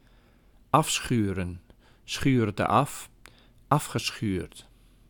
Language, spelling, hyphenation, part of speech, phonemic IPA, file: Dutch, afschuren, af‧schu‧ren, verb, /ˈɑfsxyːrə(n)/, Nl-afschuren.ogg
- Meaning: to rub down, to abrade